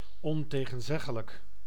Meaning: indisputable, undeniable, incontrovertible
- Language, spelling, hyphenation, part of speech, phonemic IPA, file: Dutch, ontegenzeggelijk, on‧te‧gen‧zeg‧ge‧lijk, adjective, /ˌɔn.teː.ɣə(n)ˈzɛ.ɣə.lək/, Nl-ontegenzeggelijk.ogg